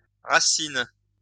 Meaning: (noun) plural of racine; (verb) second-person singular present indicative/subjunctive of raciner
- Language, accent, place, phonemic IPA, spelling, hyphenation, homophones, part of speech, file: French, France, Lyon, /ʁa.sin/, racines, ra‧cines, racine / racinent, noun / verb, LL-Q150 (fra)-racines.wav